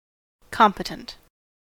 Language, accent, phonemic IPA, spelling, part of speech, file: English, US, /ˈkɒmpətənt/, competent, adjective, En-us-competent.ogg
- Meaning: 1. Having sufficient skill, knowledge, ability, or qualifications 2. Having jurisdiction or authority over a particular issue or question 3. Adequate for the purpose